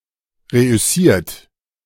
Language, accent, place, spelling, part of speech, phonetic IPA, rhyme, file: German, Germany, Berlin, reüssiert, verb, [ˌʁeʔʏˈsiːɐ̯t], -iːɐ̯t, De-reüssiert.ogg
- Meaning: 1. past participle of reüssieren 2. inflection of reüssieren: third-person singular present 3. inflection of reüssieren: second-person plural present 4. inflection of reüssieren: plural imperative